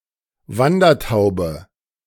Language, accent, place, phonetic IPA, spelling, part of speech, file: German, Germany, Berlin, [ˈvandɐˌtaʊ̯bə], Wandertaube, noun, De-Wandertaube.ogg
- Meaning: passenger pigeon